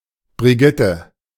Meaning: a female given name, equivalent to English Bridget
- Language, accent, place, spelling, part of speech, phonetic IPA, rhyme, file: German, Germany, Berlin, Brigitte, proper noun, [bʁiˈɡɪtə], -ɪtə, De-Brigitte.ogg